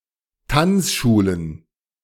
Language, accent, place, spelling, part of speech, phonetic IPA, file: German, Germany, Berlin, Tanzschulen, noun, [ˈtant͡sˌʃuːlən], De-Tanzschulen.ogg
- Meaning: plural of Tanzschule